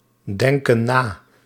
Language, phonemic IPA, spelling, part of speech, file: Dutch, /ˈdɛŋkə(n) ˈna/, denken na, verb, Nl-denken na.ogg
- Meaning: inflection of nadenken: 1. plural present indicative 2. plural present subjunctive